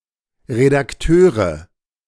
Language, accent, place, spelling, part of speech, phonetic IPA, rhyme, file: German, Germany, Berlin, Redakteure, noun, [ʁedakˈtøːʁə], -øːʁə, De-Redakteure.ogg
- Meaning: nominative/accusative/genitive plural of Redakteur